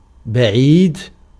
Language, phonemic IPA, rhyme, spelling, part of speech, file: Arabic, /ba.ʕiːd/, -iːd, بعيد, adjective, Ar-بعيد.ogg
- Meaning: 1. far, remote, distant 2. improbable